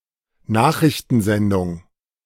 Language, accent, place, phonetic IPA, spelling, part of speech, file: German, Germany, Berlin, [ˈnaːxʁɪçtn̩ˌzɛndʊŋ], Nachrichtensendung, noun, De-Nachrichtensendung.ogg
- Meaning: news program, newscast